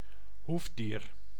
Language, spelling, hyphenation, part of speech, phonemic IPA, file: Dutch, hoefdier, hoef‧dier, noun, /ˈɦuf.diːr/, Nl-hoefdier.ogg
- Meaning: an ungulate, a hooved animal; formerly considered a member of the Ungulata